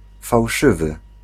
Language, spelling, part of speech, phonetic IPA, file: Polish, fałszywy, adjective, [fawˈʃɨvɨ], Pl-fałszywy.ogg